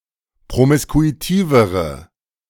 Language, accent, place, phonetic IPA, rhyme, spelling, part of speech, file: German, Germany, Berlin, [pʁomɪskuiˈtiːvəʁə], -iːvəʁə, promiskuitivere, adjective, De-promiskuitivere.ogg
- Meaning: inflection of promiskuitiv: 1. strong/mixed nominative/accusative feminine singular comparative degree 2. strong nominative/accusative plural comparative degree